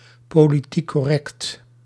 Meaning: politically correct
- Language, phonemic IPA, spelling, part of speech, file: Dutch, /poliˈtik kɔˈrɛkt/, politiek correct, adjective, Nl-politiek correct.ogg